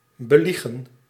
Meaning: 1. to lie to, to tell a lie to someone 2. to lie about
- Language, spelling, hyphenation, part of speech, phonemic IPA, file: Dutch, beliegen, be‧lie‧gen, verb, /ˌbəˈli.ɣə(n)/, Nl-beliegen.ogg